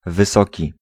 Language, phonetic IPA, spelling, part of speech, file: Polish, [vɨˈsɔci], wysoki, adjective, Pl-wysoki.ogg